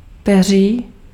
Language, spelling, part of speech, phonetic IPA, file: Czech, peří, noun, [ˈpɛr̝iː], Cs-peří.ogg
- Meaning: 1. plumage 2. methamphetamine